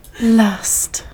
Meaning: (noun) 1. A feeling of strong desire, especially such a feeling driven by sexual arousal 2. A general want or longing, not necessarily sexual 3. A delightful cause of joy, pleasure
- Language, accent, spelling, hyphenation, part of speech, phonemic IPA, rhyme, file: English, UK, lust, lust, noun / verb, /ˈlʌst/, -ʌst, En-uk-lust2.ogg